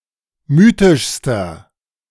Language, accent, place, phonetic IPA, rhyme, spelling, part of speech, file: German, Germany, Berlin, [ˈmyːtɪʃstɐ], -yːtɪʃstɐ, mythischster, adjective, De-mythischster.ogg
- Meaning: inflection of mythisch: 1. strong/mixed nominative masculine singular superlative degree 2. strong genitive/dative feminine singular superlative degree 3. strong genitive plural superlative degree